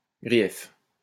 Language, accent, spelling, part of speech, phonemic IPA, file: French, France, grief, adjective / noun, /ɡʁi.jɛf/, LL-Q150 (fra)-grief.wav
- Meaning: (adjective) grievous; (noun) 1. complaint 2. grief 3. grievance (formal complaint filed with an authority)